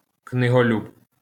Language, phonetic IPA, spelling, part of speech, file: Ukrainian, [kneɦoˈlʲub], книголюб, noun, LL-Q8798 (ukr)-книголюб.wav
- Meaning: book lover, bibliophile (person who loves books)